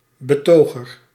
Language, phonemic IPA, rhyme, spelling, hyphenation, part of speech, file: Dutch, /bəˈtoː.ɣər/, -oːɣər, betoger, be‧to‧ger, noun, Nl-betoger.ogg
- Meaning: demonstrator